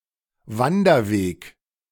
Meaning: hiking trail
- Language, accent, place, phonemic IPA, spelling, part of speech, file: German, Germany, Berlin, /ˈvandɐˌveːk/, Wanderweg, noun, De-Wanderweg.ogg